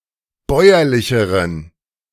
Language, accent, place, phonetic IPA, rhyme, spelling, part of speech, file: German, Germany, Berlin, [ˈbɔɪ̯ɐlɪçəʁən], -ɔɪ̯ɐlɪçəʁən, bäuerlicheren, adjective, De-bäuerlicheren.ogg
- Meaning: inflection of bäuerlich: 1. strong genitive masculine/neuter singular comparative degree 2. weak/mixed genitive/dative all-gender singular comparative degree